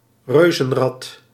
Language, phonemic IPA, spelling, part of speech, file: Dutch, /ˈrøzə(n)ˌrɑt/, reuzenrad, noun, Nl-reuzenrad.ogg
- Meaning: Ferris wheel